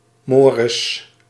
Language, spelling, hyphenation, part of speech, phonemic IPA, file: Dutch, mores, mo‧res, noun, /ˈmorəs/, Nl-mores.ogg
- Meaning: customs, rules